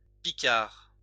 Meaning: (adjective) Picard (of, from or relating to Picardy, a cultural region part of the administrative region of Hauts-de-France, France); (noun) Picard (language)
- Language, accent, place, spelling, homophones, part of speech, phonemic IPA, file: French, France, Lyon, picard, picards, adjective / noun, /pi.kaʁ/, LL-Q150 (fra)-picard.wav